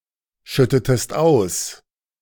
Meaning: inflection of ausschütten: 1. second-person singular preterite 2. second-person singular subjunctive II
- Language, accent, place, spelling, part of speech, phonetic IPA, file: German, Germany, Berlin, schüttetest aus, verb, [ˌʃʏtətəst ˈaʊ̯s], De-schüttetest aus.ogg